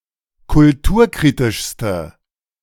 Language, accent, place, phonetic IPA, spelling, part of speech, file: German, Germany, Berlin, [kʊlˈtuːɐ̯ˌkʁiːtɪʃstə], kulturkritischste, adjective, De-kulturkritischste.ogg
- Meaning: inflection of kulturkritisch: 1. strong/mixed nominative/accusative feminine singular superlative degree 2. strong nominative/accusative plural superlative degree